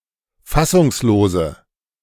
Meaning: inflection of fassungslos: 1. strong/mixed nominative/accusative feminine singular 2. strong nominative/accusative plural 3. weak nominative all-gender singular
- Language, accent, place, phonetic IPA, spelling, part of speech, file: German, Germany, Berlin, [ˈfasʊŋsˌloːzə], fassungslose, adjective, De-fassungslose.ogg